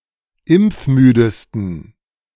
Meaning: 1. superlative degree of impfmüde 2. inflection of impfmüde: strong genitive masculine/neuter singular superlative degree
- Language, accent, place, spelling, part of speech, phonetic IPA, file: German, Germany, Berlin, impfmüdesten, adjective, [ˈɪmp͡fˌmyːdəstn̩], De-impfmüdesten.ogg